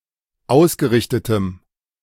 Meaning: strong dative masculine/neuter singular of ausgerichtet
- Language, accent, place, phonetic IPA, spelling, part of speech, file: German, Germany, Berlin, [ˈaʊ̯sɡəˌʁɪçtətəm], ausgerichtetem, adjective, De-ausgerichtetem.ogg